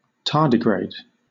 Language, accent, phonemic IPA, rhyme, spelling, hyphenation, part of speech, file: English, Southern England, /ˈtɑɹdɪˌɡɹeɪd/, -eɪd, tardigrade, tar‧di‧grade, adjective / noun, LL-Q1860 (eng)-tardigrade.wav
- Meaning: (adjective) Sluggish; moving slowly; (noun) 1. A member of the animal phylum Tardigrada 2. A sloth, a neotropical mammal of suborder Folivora (syn. Tardigrada)